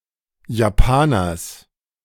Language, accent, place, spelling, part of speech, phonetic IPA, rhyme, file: German, Germany, Berlin, Japaners, noun, [jaˈpaːnɐs], -aːnɐs, De-Japaners.ogg
- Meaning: genitive singular of Japaner